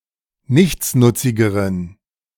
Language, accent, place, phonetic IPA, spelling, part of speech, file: German, Germany, Berlin, [ˈnɪçt͡snʊt͡sɪɡəʁən], nichtsnutzigeren, adjective, De-nichtsnutzigeren.ogg
- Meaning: inflection of nichtsnutzig: 1. strong genitive masculine/neuter singular comparative degree 2. weak/mixed genitive/dative all-gender singular comparative degree